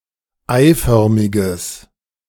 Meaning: strong/mixed nominative/accusative neuter singular of eiförmig
- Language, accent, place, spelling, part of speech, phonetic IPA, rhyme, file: German, Germany, Berlin, eiförmiges, adjective, [ˈaɪ̯ˌfœʁmɪɡəs], -aɪ̯fœʁmɪɡəs, De-eiförmiges.ogg